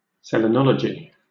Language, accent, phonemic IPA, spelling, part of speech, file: English, Southern England, /sɛliːˈnɒləd͡ʒɪ/, selenology, noun, LL-Q1860 (eng)-selenology.wav
- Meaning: The scientific study of the Moon.: The scientific study of the Moon’s movements in the heavens and the kinetic influences it has upon and it receives from other astronomical bodies